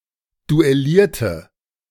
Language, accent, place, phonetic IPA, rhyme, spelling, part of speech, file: German, Germany, Berlin, [duɛˈliːɐ̯tə], -iːɐ̯tə, duellierte, adjective / verb, De-duellierte.ogg
- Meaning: inflection of duellieren: 1. first/third-person singular preterite 2. first/third-person singular subjunctive II